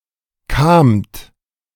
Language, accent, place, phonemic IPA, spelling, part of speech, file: German, Germany, Berlin, /kaːmt/, kamt, verb, De-kamt.ogg
- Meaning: second-person plural preterite of kommen